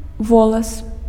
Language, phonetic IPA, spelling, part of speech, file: Belarusian, [ˈvoɫas], волас, noun, Be-волас.ogg
- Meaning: a hair, (plural) (head of) hair